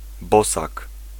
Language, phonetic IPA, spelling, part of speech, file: Polish, [ˈbɔsak], bosak, noun, Pl-bosak.ogg